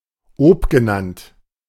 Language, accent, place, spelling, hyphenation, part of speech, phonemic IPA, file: German, Germany, Berlin, obgenannt, ob‧ge‧nannt, adjective, /ˈɔpɡəˌnant/, De-obgenannt.ogg
- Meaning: above-mentioned